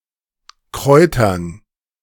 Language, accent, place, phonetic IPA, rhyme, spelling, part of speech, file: German, Germany, Berlin, [ˈkʁɔɪ̯tɐn], -ɔɪ̯tɐn, Kräutern, noun, De-Kräutern.ogg
- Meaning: dative plural of Kraut